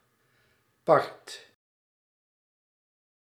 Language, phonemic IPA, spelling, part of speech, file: Dutch, /pɑrt/, part, noun, Nl-part.ogg
- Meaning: part